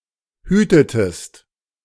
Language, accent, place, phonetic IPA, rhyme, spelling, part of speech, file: German, Germany, Berlin, [ˈhyːtətəst], -yːtətəst, hütetest, verb, De-hütetest.ogg
- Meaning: inflection of hüten: 1. second-person singular preterite 2. second-person singular subjunctive II